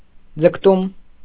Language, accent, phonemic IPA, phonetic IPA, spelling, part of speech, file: Armenian, Eastern Armenian, /d͡zəkʰˈtum/, [d͡zəkʰtúm], ձգտում, noun, Hy-ձգտում.ogg
- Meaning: aspiration, desire, ambition, longing